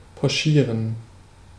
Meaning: to poach (cook in simmering water)
- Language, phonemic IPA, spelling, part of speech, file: German, /pɔˈʃiːʁən/, pochieren, verb, De-pochieren.ogg